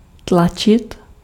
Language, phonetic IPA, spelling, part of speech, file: Czech, [ˈtlat͡ʃɪt], tlačit, verb, Cs-tlačit.ogg
- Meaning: 1. to push 2. to jostle (in a crowd)